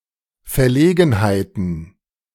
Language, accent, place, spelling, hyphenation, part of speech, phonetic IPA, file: German, Germany, Berlin, Verlegenheiten, Ver‧le‧gen‧hei‧ten, noun, [fɛɐ̯ˈleːɡn̩haɪ̯tn̩], De-Verlegenheiten.ogg
- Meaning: plural of Verlegenheit